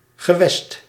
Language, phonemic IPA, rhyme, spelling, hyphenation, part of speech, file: Dutch, /ɣəˈʋɛst/, -ɛst, gewest, ge‧west, noun, Nl-gewest.ogg
- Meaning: 1. region 2. one of the three regions constituting the equivalent of a state in the federal structure of Belgium 3. an older term for provincie (“province”)